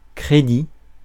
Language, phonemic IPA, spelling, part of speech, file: French, /kʁe.di/, crédit, noun, Fr-crédit.ogg
- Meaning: 1. credit 2. course credit